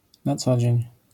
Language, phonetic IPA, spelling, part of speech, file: Polish, [na ˈt͡sɔ‿d͡ʑɛ̇̃ɲ], na co dzień, adverbial phrase / adjectival phrase, LL-Q809 (pol)-na co dzień.wav